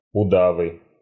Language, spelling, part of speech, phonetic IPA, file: Russian, удавы, noun, [ʊˈdavɨ], Ru-удавы.ogg
- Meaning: nominative plural of уда́в (udáv)